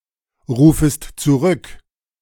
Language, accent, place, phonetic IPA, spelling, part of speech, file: German, Germany, Berlin, [ˌʁuːfəst t͡suˈʁʏk], rufest zurück, verb, De-rufest zurück.ogg
- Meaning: second-person singular subjunctive I of zurückrufen